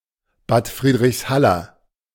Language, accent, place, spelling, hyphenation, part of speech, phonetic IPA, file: German, Germany, Berlin, Bad Friedrichshaller, Bad Fried‧richs‧hal‧ler, noun / adjective, [baːt ˌfʁiːdʁɪçsˈhalɐ], De-Bad Friedrichshaller.ogg
- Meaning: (noun) A native or resident of Bad Friedrichshall; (adjective) of Bad Friedrichshall